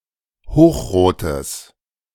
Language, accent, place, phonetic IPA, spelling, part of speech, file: German, Germany, Berlin, [ˈhoːxˌʁoːtəs], hochrotes, adjective, De-hochrotes.ogg
- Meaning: strong/mixed nominative/accusative neuter singular of hochrot